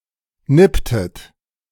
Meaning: inflection of nippen: 1. second-person plural preterite 2. second-person plural subjunctive II
- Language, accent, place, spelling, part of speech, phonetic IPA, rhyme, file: German, Germany, Berlin, nipptet, verb, [ˈnɪptət], -ɪptət, De-nipptet.ogg